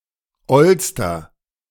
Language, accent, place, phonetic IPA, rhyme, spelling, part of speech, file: German, Germany, Berlin, [ˈɔlstɐ], -ɔlstɐ, ollster, adjective, De-ollster.ogg
- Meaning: inflection of oll: 1. strong/mixed nominative masculine singular superlative degree 2. strong genitive/dative feminine singular superlative degree 3. strong genitive plural superlative degree